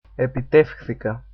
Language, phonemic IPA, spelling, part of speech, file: Greek, /e.piˈtef.xθi.ka/, επιτεύχθηκα, verb, Epitefchthika.ogg
- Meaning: first-person singular simple past of επιτυγχάνομαι (epitynchánomai)